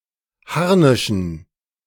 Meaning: dative plural of Harnisch
- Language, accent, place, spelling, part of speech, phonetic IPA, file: German, Germany, Berlin, Harnischen, noun, [ˈhaʁnɪʃn̩], De-Harnischen.ogg